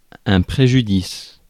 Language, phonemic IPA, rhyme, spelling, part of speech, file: French, /pʁe.ʒy.dis/, -is, préjudice, noun, Fr-préjudice.ogg
- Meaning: a harm, a damage